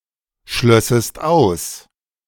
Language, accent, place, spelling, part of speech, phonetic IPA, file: German, Germany, Berlin, schlössest aus, verb, [ˌʃlœsəst ˈaʊ̯s], De-schlössest aus.ogg
- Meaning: second-person singular subjunctive II of ausschließen